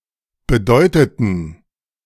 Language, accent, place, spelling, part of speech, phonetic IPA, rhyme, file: German, Germany, Berlin, bedeuteten, verb, [bəˈdɔɪ̯tətn̩], -ɔɪ̯tətn̩, De-bedeuteten.ogg
- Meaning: inflection of bedeuten: 1. first/third-person plural preterite 2. first/third-person plural subjunctive II